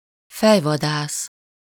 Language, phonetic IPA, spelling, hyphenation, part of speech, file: Hungarian, [ˈfɛjvɒdaːs], fejvadász, fej‧va‧dász, noun, Hu-fejvadász.ogg
- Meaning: 1. headhunter (savage who hunts and beheads humans) 2. headhunter (recruiter involved in executive search)